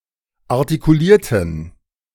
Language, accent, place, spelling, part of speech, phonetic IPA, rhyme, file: German, Germany, Berlin, artikulierten, adjective / verb, [aʁtikuˈliːɐ̯tn̩], -iːɐ̯tn̩, De-artikulierten.ogg
- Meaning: inflection of artikulieren: 1. first/third-person plural preterite 2. first/third-person plural subjunctive II